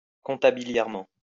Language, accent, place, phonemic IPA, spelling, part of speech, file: French, France, Lyon, /kɔ̃.ta.bi.ljɛʁ.mɑ̃/, comptabiliairement, adverb, LL-Q150 (fra)-comptabiliairement.wav
- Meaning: compatibly